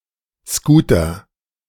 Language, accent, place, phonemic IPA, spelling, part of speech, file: German, Germany, Berlin, /ˈskuːtɐ/, Scooter, noun, De-Scooter.ogg
- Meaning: 1. bumper car 2. scooter